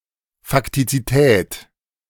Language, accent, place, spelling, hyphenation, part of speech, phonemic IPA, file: German, Germany, Berlin, Faktizität, Fak‧ti‧zi‧tät, noun, /faktit͡siˈtɛːt/, De-Faktizität.ogg
- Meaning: facticity, factualness